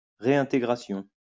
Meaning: reintegration
- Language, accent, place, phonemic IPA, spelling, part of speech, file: French, France, Lyon, /ʁe.ɛ̃.te.ɡʁa.sjɔ̃/, réintégration, noun, LL-Q150 (fra)-réintégration.wav